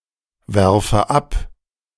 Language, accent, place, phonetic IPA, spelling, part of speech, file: German, Germany, Berlin, [ˌvɛʁfə ˈap], werfe ab, verb, De-werfe ab.ogg
- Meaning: inflection of abwerfen: 1. first-person singular present 2. first/third-person singular subjunctive I